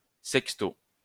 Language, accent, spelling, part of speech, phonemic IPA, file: French, France, sexto, noun / adverb, /sɛk.sto/, LL-Q150 (fra)-sexto.wav
- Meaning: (noun) sext; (adverb) sixthly